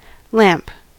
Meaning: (noun) 1. A device that generates light, heat, or other electromagnetic radiation. Especially an electric light bulb 2. A device containing oil, burnt through a wick for illumination; an oil lamp
- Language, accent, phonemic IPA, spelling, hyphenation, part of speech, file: English, US, /ˈlæ̝mp/, lamp, lamp, noun / verb, En-us-lamp.ogg